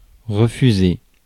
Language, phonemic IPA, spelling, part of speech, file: French, /ʁə.fy.ze/, refuser, verb, Fr-refuser.ogg
- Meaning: to refuse